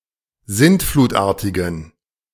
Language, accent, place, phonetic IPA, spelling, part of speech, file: German, Germany, Berlin, [ˈzɪntfluːtˌʔaːɐ̯tɪɡn̩], sintflutartigen, adjective, De-sintflutartigen.ogg
- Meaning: inflection of sintflutartig: 1. strong genitive masculine/neuter singular 2. weak/mixed genitive/dative all-gender singular 3. strong/weak/mixed accusative masculine singular 4. strong dative plural